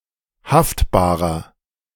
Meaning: inflection of haftbar: 1. strong/mixed nominative masculine singular 2. strong genitive/dative feminine singular 3. strong genitive plural
- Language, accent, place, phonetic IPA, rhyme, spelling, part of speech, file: German, Germany, Berlin, [ˈhaftbaːʁɐ], -aftbaːʁɐ, haftbarer, adjective, De-haftbarer.ogg